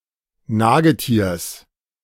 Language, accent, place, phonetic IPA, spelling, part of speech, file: German, Germany, Berlin, [ˈnaːɡəˌtiːɐ̯s], Nagetiers, noun, De-Nagetiers.ogg
- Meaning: genitive singular of Nagetier